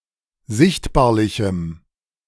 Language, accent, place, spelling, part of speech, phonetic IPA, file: German, Germany, Berlin, sichtbarlichem, adjective, [ˈzɪçtbaːɐ̯lɪçm̩], De-sichtbarlichem.ogg
- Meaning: strong dative masculine/neuter singular of sichtbarlich